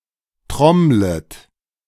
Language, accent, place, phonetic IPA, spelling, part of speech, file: German, Germany, Berlin, [ˈtʁɔmlət], trommlet, verb, De-trommlet.ogg
- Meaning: second-person plural subjunctive I of trommeln